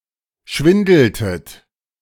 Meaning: inflection of schwindeln: 1. second-person plural preterite 2. second-person plural subjunctive II
- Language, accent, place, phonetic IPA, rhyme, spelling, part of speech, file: German, Germany, Berlin, [ˈʃvɪndl̩tət], -ɪndl̩tət, schwindeltet, verb, De-schwindeltet.ogg